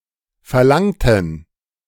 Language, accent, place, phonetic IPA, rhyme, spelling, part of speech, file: German, Germany, Berlin, [fɛɐ̯ˈlaŋtn̩], -aŋtn̩, verlangten, adjective / verb, De-verlangten.ogg
- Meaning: inflection of verlangen: 1. first/third-person plural preterite 2. first/third-person plural subjunctive II